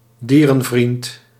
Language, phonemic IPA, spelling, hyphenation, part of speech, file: Dutch, /ˈdiː.rə(n)ˌvrint/, dierenvriend, die‧ren‧vriend, noun, Nl-dierenvriend.ogg
- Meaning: animal lover (person who is fond of animals)